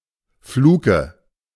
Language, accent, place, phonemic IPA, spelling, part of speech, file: German, Germany, Berlin, /ˈfluːkə/, Fluke, noun, De-Fluke.ogg
- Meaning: fluke (lobe of a whale's tail)